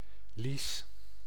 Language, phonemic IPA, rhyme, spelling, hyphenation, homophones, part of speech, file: Dutch, /lis/, -is, lies, lies, lease / Lies, noun, Nl-lies.ogg
- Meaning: the groin, between the pubis and the thighs